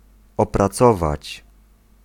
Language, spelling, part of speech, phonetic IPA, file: Polish, opracować, verb, [ˌɔpraˈt͡sɔvat͡ɕ], Pl-opracować.ogg